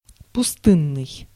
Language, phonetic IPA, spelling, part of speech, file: Russian, [pʊˈstɨnːɨj], пустынный, adjective, Ru-пустынный.ogg
- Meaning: 1. desert 2. deserted, empty (without people) 3. secluded, hermitlike (living in isolation, in a remote, unpopulated area)